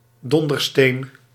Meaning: 1. thunderstone, fulgurite or one of several objects (historically) thought to originate from lightning 2. rascal, scamp
- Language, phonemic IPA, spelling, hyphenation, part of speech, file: Dutch, /ˈdɔn.dərˌsteːn/, dondersteen, don‧der‧steen, noun, Nl-dondersteen.ogg